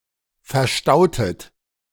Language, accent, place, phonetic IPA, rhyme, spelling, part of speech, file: German, Germany, Berlin, [fɛɐ̯ˈʃtaʊ̯tət], -aʊ̯tət, verstautet, verb, De-verstautet.ogg
- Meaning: inflection of verstauen: 1. second-person plural preterite 2. second-person plural subjunctive II